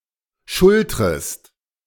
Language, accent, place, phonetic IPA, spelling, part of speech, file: German, Germany, Berlin, [ˈʃʊltʁəst], schultrest, verb, De-schultrest.ogg
- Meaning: second-person singular subjunctive I of schultern